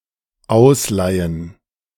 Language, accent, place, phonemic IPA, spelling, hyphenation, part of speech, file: German, Germany, Berlin, /ˈaʊsˌlaɪən/, ausleihen, aus‧lei‧hen, verb, De-ausleihen.ogg
- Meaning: 1. to borrow 2. to lend